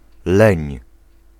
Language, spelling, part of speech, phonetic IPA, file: Polish, leń, noun / verb, [lɛ̃ɲ], Pl-leń.ogg